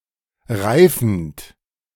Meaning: present participle of reifen
- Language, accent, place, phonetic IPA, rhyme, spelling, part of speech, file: German, Germany, Berlin, [ˈʁaɪ̯fn̩t], -aɪ̯fn̩t, reifend, verb, De-reifend.ogg